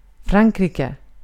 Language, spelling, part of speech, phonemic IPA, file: Swedish, Frankrike, proper noun, /ˈfrankrɪkɛ/, Sv-Frankrike.ogg
- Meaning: France (a country located primarily in Western Europe)